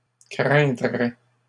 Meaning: third-person singular conditional of craindre
- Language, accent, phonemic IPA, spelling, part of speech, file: French, Canada, /kʁɛ̃.dʁɛ/, craindrait, verb, LL-Q150 (fra)-craindrait.wav